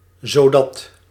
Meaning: 1. such that (indicating result or consequence) 2. in order that, so that (indicating goal or intent)
- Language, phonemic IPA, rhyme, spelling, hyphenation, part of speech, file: Dutch, /zoːˈdɑt/, -ɑt, zodat, zo‧dat, conjunction, Nl-zodat.ogg